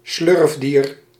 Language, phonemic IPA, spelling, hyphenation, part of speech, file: Dutch, /ˈslʏrf.diːr/, slurfdier, slurf‧dier, noun, Nl-slurfdier.ogg
- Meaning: an animal of the order Proboscidea